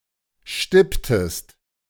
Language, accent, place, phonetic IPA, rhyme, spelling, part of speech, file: German, Germany, Berlin, [ˈʃtɪptəst], -ɪptəst, stipptest, verb, De-stipptest.ogg
- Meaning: inflection of stippen: 1. second-person singular preterite 2. second-person singular subjunctive II